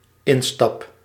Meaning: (noun) boarding: the act of stepping into a vehicle; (verb) first-person singular dependent-clause present indicative of instappen
- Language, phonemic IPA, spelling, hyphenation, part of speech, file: Dutch, /ɪnstɑp/, instap, in‧stap, noun / verb, Nl-instap.ogg